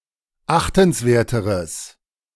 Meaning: strong/mixed nominative/accusative neuter singular comparative degree of achtenswert
- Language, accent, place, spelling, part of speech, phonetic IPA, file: German, Germany, Berlin, achtenswerteres, adjective, [ˈaxtn̩sˌveːɐ̯təʁəs], De-achtenswerteres.ogg